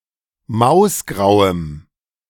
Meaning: strong dative masculine/neuter singular of mausgrau
- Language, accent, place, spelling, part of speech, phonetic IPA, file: German, Germany, Berlin, mausgrauem, adjective, [ˈmaʊ̯sˌɡʁaʊ̯əm], De-mausgrauem.ogg